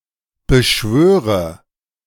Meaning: inflection of beschwören: 1. first-person singular present 2. first/third-person singular subjunctive I 3. singular imperative
- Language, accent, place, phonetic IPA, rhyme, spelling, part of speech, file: German, Germany, Berlin, [bəˈʃvøːʁə], -øːʁə, beschwöre, verb, De-beschwöre.ogg